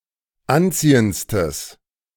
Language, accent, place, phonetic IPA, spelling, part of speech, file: German, Germany, Berlin, [ˈanˌt͡siːənt͡stəs], anziehendstes, adjective, De-anziehendstes.ogg
- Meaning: strong/mixed nominative/accusative neuter singular superlative degree of anziehend